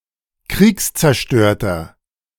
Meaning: inflection of kriegszerstört: 1. strong/mixed nominative masculine singular 2. strong genitive/dative feminine singular 3. strong genitive plural
- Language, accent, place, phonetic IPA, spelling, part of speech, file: German, Germany, Berlin, [ˈkʁiːkst͡sɛɐ̯ˌʃtøːɐ̯tɐ], kriegszerstörter, adjective, De-kriegszerstörter.ogg